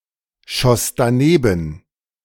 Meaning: second-person plural preterite of danebenschießen
- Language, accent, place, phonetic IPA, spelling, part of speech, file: German, Germany, Berlin, [ˌʃɔs daˈneːbn̩], schoss daneben, verb, De-schoss daneben.ogg